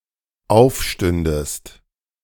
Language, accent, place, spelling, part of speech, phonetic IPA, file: German, Germany, Berlin, aufstündest, verb, [ˈaʊ̯fˌʃtʏndəst], De-aufstündest.ogg
- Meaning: second-person singular dependent subjunctive II of aufstehen